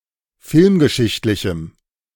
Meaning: strong dative masculine/neuter singular of filmgeschichtlich
- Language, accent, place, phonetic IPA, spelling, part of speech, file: German, Germany, Berlin, [ˈfɪlmɡəˌʃɪçtlɪçm̩], filmgeschichtlichem, adjective, De-filmgeschichtlichem.ogg